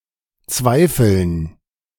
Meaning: dative plural of Zweifel
- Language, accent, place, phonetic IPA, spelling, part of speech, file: German, Germany, Berlin, [ˈt͡svaɪ̯fəln], Zweifeln, noun, De-Zweifeln.ogg